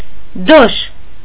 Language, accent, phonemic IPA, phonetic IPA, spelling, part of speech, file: Armenian, Eastern Armenian, /doʃ/, [doʃ], դոշ, noun, Hy-դոշ.ogg
- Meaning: 1. breast 2. chest 3. brisket